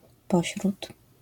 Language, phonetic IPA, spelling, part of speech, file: Polish, [ˈpɔɕrut], pośród, preposition, LL-Q809 (pol)-pośród.wav